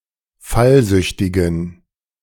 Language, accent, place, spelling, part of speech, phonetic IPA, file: German, Germany, Berlin, fallsüchtigen, adjective, [ˈfalˌzʏçtɪɡn̩], De-fallsüchtigen.ogg
- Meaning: inflection of fallsüchtig: 1. strong genitive masculine/neuter singular 2. weak/mixed genitive/dative all-gender singular 3. strong/weak/mixed accusative masculine singular 4. strong dative plural